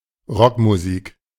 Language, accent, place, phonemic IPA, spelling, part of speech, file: German, Germany, Berlin, /ˈʁɔkmuˌziːk/, Rockmusik, noun, De-Rockmusik.ogg
- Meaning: rock music